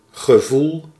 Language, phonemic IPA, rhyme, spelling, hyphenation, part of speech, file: Dutch, /ɣəˈvul/, -ul, gevoel, ge‧voel, noun / verb, Nl-gevoel.ogg
- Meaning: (noun) feeling, emotion; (verb) inflection of gevoelen: 1. first-person singular present indicative 2. second-person singular present indicative 3. imperative